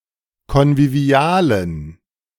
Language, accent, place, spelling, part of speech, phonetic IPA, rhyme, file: German, Germany, Berlin, konvivialen, adjective, [kɔnviˈvi̯aːlən], -aːlən, De-konvivialen.ogg
- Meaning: inflection of konvivial: 1. strong genitive masculine/neuter singular 2. weak/mixed genitive/dative all-gender singular 3. strong/weak/mixed accusative masculine singular 4. strong dative plural